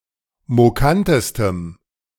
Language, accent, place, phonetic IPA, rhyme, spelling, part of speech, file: German, Germany, Berlin, [moˈkantəstəm], -antəstəm, mokantestem, adjective, De-mokantestem.ogg
- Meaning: strong dative masculine/neuter singular superlative degree of mokant